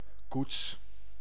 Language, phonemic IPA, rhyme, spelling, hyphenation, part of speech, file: Dutch, /kuts/, -uts, koets, koets, noun, Nl-koets.ogg
- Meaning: coach (four-wheeled carriage)